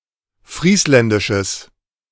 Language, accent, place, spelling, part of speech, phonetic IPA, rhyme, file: German, Germany, Berlin, friesländisches, adjective, [ˈfʁiːslɛndɪʃəs], -iːslɛndɪʃəs, De-friesländisches.ogg
- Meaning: strong/mixed nominative/accusative neuter singular of friesländisch